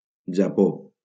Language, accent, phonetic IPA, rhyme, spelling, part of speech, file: Catalan, Valencia, [d͡ʒaˈpo], -o, Japó, proper noun, LL-Q7026 (cat)-Japó.wav
- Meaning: Japan (a country in East Asia)